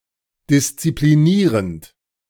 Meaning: present participle of disziplinieren
- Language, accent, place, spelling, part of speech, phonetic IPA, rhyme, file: German, Germany, Berlin, disziplinierend, verb, [dɪst͡sipliˈniːʁənt], -iːʁənt, De-disziplinierend.ogg